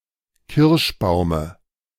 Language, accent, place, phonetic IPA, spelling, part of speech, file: German, Germany, Berlin, [ˈkɪʁʃˌbaʊ̯mə], Kirschbaume, noun, De-Kirschbaume.ogg
- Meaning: dative singular of Kirschbaum